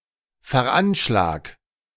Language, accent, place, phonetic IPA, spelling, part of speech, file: German, Germany, Berlin, [fɛɐ̯ˈʔanʃlaːk], veranschlag, verb, De-veranschlag.ogg
- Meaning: 1. singular imperative of veranschlagen 2. first-person singular present of veranschlagen